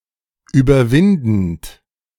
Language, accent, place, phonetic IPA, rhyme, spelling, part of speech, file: German, Germany, Berlin, [yːbɐˈvɪndn̩t], -ɪndn̩t, überwindend, verb, De-überwindend.ogg
- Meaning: present participle of überwinden